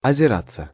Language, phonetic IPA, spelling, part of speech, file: Russian, [ɐzʲɪˈrat͡sːə], озираться, verb, Ru-озираться.ogg
- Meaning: to look around (oneself)